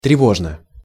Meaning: uneasily, alarmedly, with agitation, discomposedly
- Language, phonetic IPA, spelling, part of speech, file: Russian, [trʲɪˈvoʐnə], тревожно, adverb, Ru-тревожно.ogg